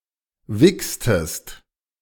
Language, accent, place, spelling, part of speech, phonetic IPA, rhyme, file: German, Germany, Berlin, wichstest, verb, [ˈvɪkstəst], -ɪkstəst, De-wichstest.ogg
- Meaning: inflection of wichsen: 1. second-person singular preterite 2. second-person singular subjunctive II